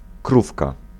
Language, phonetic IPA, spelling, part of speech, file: Polish, [ˈkrufka], krówka, noun, Pl-krówka.ogg